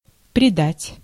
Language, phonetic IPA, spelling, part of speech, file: Russian, [prʲɪˈdatʲ], придать, verb, Ru-придать.ogg
- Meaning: 1. to give, to impart; to attach 2. to increase, to strengthen